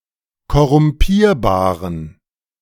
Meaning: inflection of korrumpierbar: 1. strong genitive masculine/neuter singular 2. weak/mixed genitive/dative all-gender singular 3. strong/weak/mixed accusative masculine singular 4. strong dative plural
- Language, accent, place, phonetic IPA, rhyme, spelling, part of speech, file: German, Germany, Berlin, [kɔʁʊmˈpiːɐ̯baːʁən], -iːɐ̯baːʁən, korrumpierbaren, adjective, De-korrumpierbaren.ogg